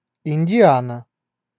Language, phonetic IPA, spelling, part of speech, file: Russian, [ɪnʲdʲɪˈanə], Индиана, proper noun, Ru-Индиана.ogg
- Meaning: Indiana (a state of the United States)